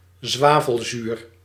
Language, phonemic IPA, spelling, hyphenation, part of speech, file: Dutch, /ˈzʋaː.vəlˌzyːr/, zwavelzuur, zwa‧vel‧zuur, noun, Nl-zwavelzuur.ogg
- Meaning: a sulfuric acid, an oxide of sulfur; notably: 1. the hydrate hygroscopic acid vitriol 2. an anhydride crystalline mass, sulfur's trioxide